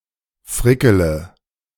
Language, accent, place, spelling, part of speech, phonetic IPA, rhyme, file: German, Germany, Berlin, frickele, verb, [ˈfʁɪkələ], -ɪkələ, De-frickele.ogg
- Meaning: inflection of frickeln: 1. first-person singular present 2. first/third-person singular subjunctive I 3. singular imperative